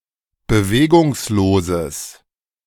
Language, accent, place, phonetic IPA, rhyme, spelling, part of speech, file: German, Germany, Berlin, [bəˈveːɡʊŋsloːzəs], -eːɡʊŋsloːzəs, bewegungsloses, adjective, De-bewegungsloses.ogg
- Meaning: strong/mixed nominative/accusative neuter singular of bewegungslos